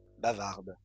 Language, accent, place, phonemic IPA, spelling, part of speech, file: French, France, Lyon, /ba.vaʁd/, bavardes, adjective / verb, LL-Q150 (fra)-bavardes.wav
- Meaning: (adjective) feminine plural of bavard; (verb) second-person singular present indicative/subjunctive of bavarder